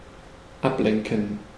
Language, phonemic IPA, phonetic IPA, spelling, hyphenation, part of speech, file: German, /ˈapˌlɛŋkən/, [ˈʔapˌlɛŋkŋ̩], ablenken, ab‧len‧ken, verb, De-ablenken.ogg
- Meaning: 1. to divert 2. to distract